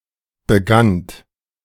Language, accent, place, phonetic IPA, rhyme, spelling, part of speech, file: German, Germany, Berlin, [bəˈɡant], -ant, begannt, verb, De-begannt.ogg
- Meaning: second-person plural preterite of beginnen